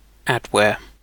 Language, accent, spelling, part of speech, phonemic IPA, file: English, UK, adware, noun, /ˈædˌwɛə/, En-uk-adware.ogg